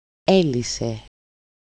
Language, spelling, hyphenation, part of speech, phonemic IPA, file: Greek, έλυσε, έ‧λυ‧σε, verb, /ˈe.li.se/, El-έλυσε.ogg
- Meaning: third-person singular simple past active indicative of λύνω (lýno)